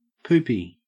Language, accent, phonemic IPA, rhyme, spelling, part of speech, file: English, Australia, /ˈpuːpi/, -uːpi, poopy, adjective / noun, En-au-poopy.ogg
- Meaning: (adjective) 1. worthless; unpleasant 2. Dirty with feces 3. Resembling or characteristic of feces 4. needing to poop (defecate); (noun) Faeces; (adjective) Depressed, weak, or worthless